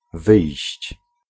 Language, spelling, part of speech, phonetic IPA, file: Polish, wyjść, verb / noun, [vɨjɕt͡ɕ], Pl-wyjść.ogg